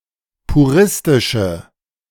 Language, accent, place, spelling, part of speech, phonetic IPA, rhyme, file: German, Germany, Berlin, puristische, adjective, [puˈʁɪstɪʃə], -ɪstɪʃə, De-puristische.ogg
- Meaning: inflection of puristisch: 1. strong/mixed nominative/accusative feminine singular 2. strong nominative/accusative plural 3. weak nominative all-gender singular